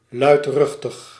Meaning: noisy, vociferous
- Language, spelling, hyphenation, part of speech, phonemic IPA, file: Dutch, luidruchtig, luid‧ruch‧tig, adjective, /ˌlœy̯tˈrʏx.təx/, Nl-luidruchtig.ogg